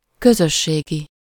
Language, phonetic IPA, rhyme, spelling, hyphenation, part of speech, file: Hungarian, [ˈkøzøʃːeːɡi], -ɡi, közösségi, kö‧zös‧sé‧gi, adjective, Hu-közösségi.ogg
- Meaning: communal, community (attributive) (of or relating to the community)